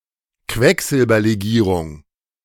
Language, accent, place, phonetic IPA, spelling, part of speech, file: German, Germany, Berlin, [ˈkvɛkzɪlbɐleˌɡiːʁʊŋ], Quecksilberlegierung, noun, De-Quecksilberlegierung.ogg
- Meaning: amalgam (mercury alloy)